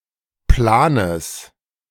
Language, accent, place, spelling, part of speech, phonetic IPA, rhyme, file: German, Germany, Berlin, Planes, noun, [ˈplaːnəs], -aːnəs, De-Planes.ogg
- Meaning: genitive singular of Plan